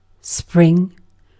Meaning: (verb) 1. To move or burst forth 2. To move or burst forth.: To appear 3. To move or burst forth.: To grow, to sprout 4. To move or burst forth.: To grow, to sprout.: To mature
- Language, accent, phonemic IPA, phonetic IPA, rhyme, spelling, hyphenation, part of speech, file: English, Received Pronunciation, /ˈspɹɪŋ/, [ˈspɹʷɪŋ], -ɪŋ, spring, spring, verb / noun, En-uk-spring.ogg